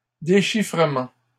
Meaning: plural of déchiffrement
- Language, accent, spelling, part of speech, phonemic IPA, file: French, Canada, déchiffrements, noun, /de.ʃi.fʁə.mɑ̃/, LL-Q150 (fra)-déchiffrements.wav